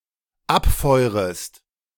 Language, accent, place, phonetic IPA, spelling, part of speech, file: German, Germany, Berlin, [ˈapˌfɔɪ̯ʁəst], abfeurest, verb, De-abfeurest.ogg
- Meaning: second-person singular dependent subjunctive I of abfeuern